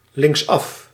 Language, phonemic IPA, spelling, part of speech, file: Dutch, /lɪŋkˈsɑf/, linksaf, adverb, Nl-linksaf.ogg
- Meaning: towards the left (while turning)